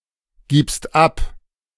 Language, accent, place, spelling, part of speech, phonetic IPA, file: German, Germany, Berlin, gibst ab, verb, [ˌɡiːpst ˈap], De-gibst ab.ogg
- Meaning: second-person singular present of abgeben